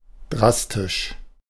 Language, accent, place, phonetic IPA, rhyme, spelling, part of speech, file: German, Germany, Berlin, [ˈdʁastɪʃ], -astɪʃ, drastisch, adjective, De-drastisch.ogg
- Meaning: drastic